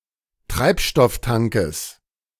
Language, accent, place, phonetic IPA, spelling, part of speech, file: German, Germany, Berlin, [ˈtʁaɪ̯pʃtɔfˌtaŋkəs], Treibstofftankes, noun, De-Treibstofftankes.ogg
- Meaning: genitive singular of Treibstofftank